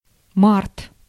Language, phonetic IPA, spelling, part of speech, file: Russian, [mart], март, noun, Ru-март.ogg
- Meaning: March